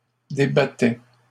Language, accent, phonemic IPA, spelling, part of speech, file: French, Canada, /de.ba.tɛ/, débattais, verb, LL-Q150 (fra)-débattais.wav
- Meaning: first/second-person singular imperfect indicative of débattre